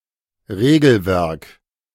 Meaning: set of regulations
- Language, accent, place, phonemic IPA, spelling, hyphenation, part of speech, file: German, Germany, Berlin, /ˈʁeːɡl̩ˌvɛʁk/, Regelwerk, Re‧gel‧werk, noun, De-Regelwerk.ogg